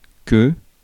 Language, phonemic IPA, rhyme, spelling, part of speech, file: French, /kə/, -ə, que, conjunction / pronoun, Fr-que.ogg
- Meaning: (conjunction) 1. that (introduces a subordinate noun clause and connects it to its parent clause) 2. Substitutes for another, previously stated conjunction 3. when, no sooner